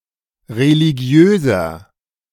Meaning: 1. comparative degree of religiös 2. inflection of religiös: strong/mixed nominative masculine singular 3. inflection of religiös: strong genitive/dative feminine singular
- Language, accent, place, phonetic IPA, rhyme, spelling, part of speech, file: German, Germany, Berlin, [ʁeliˈɡi̯øːzɐ], -øːzɐ, religiöser, adjective, De-religiöser.ogg